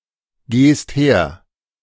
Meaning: second-person singular present of hergehen
- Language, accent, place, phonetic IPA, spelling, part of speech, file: German, Germany, Berlin, [ˌɡeːst ˈheːɐ̯], gehst her, verb, De-gehst her.ogg